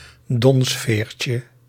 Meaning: diminutive of donsveer
- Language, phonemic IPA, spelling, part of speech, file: Dutch, /ˈdɔnsfercə/, donsveertje, noun, Nl-donsveertje.ogg